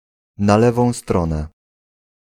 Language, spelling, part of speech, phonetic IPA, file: Polish, na lewą stronę, adverbial phrase, [na‿ˈlɛvɔ̃w̃ ˈstrɔ̃nɛ], Pl-na lewą stronę.ogg